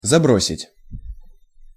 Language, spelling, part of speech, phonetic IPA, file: Russian, забросить, verb, [zɐˈbrosʲɪtʲ], Ru-забросить.ogg
- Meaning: 1. to throw, to cast, to hurl (somewhere) 2. to send 3. to take (to a place) 4. to put, to mislay 5. to neglect 6. to give up, to drop